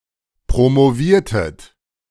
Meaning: inflection of promovieren: 1. second-person plural preterite 2. second-person plural subjunctive II
- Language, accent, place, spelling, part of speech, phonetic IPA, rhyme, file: German, Germany, Berlin, promoviertet, verb, [pʁomoˈviːɐ̯tət], -iːɐ̯tət, De-promoviertet.ogg